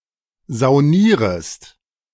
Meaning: second-person singular subjunctive I of saunieren
- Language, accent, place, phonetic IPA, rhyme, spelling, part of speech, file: German, Germany, Berlin, [zaʊ̯ˈniːʁəst], -iːʁəst, saunierest, verb, De-saunierest.ogg